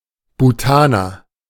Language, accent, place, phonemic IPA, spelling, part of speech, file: German, Germany, Berlin, /buˈtaːnɐ/, Bhutaner, noun, De-Bhutaner.ogg
- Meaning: Bhutanese person